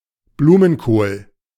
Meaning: cauliflower
- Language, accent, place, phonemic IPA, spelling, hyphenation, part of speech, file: German, Germany, Berlin, /ˈbluːmənkoːl/, Blumenkohl, Blu‧men‧kohl, noun, De-Blumenkohl.ogg